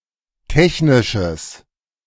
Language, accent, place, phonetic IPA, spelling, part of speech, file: German, Germany, Berlin, [ˈtɛçnɪʃəs], technisches, adjective, De-technisches.ogg
- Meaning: strong/mixed nominative/accusative neuter singular of technisch